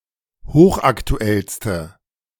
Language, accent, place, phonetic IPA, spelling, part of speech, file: German, Germany, Berlin, [ˈhoːxʔaktuˌɛlstə], hochaktuellste, adjective, De-hochaktuellste.ogg
- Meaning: inflection of hochaktuell: 1. strong/mixed nominative/accusative feminine singular superlative degree 2. strong nominative/accusative plural superlative degree